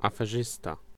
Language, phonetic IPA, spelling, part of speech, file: Polish, [ˌafɛˈʒɨsta], aferzysta, noun, Pl-aferzysta.ogg